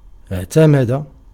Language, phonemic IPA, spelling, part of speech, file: Arabic, /iʕ.ta.ma.da/, اعتمد, verb, Ar-اعتمد.ogg
- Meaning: 1. to lean, to support oneself 2. to rely, to depend 3. to use, to employ, to adopt (a method, an approach, etc.) 4. to authorize, to sanction, to approve (a decision, etc.) 5. to aim for (a goal)